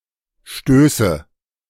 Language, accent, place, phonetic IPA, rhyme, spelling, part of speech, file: German, Germany, Berlin, [ˈʃtøːsə], -øːsə, Stöße, noun, De-Stöße.ogg
- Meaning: nominative/accusative/genitive plural of Stoß